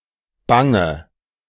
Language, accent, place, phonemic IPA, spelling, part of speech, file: German, Germany, Berlin, /ˈbaŋə/, Bange, noun, De-Bange.ogg
- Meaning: fear; fright; anxiety